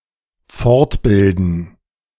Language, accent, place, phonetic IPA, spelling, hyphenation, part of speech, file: German, Germany, Berlin, [ˈfɔʁtˌbɪldn̩], fortbilden, fort‧bil‧den, verb, De-fortbilden.ogg
- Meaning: to continue educating